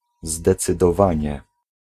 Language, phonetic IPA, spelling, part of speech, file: Polish, [ˌzdɛt͡sɨdɔˈvãɲɛ], zdecydowanie, noun / adverb, Pl-zdecydowanie.ogg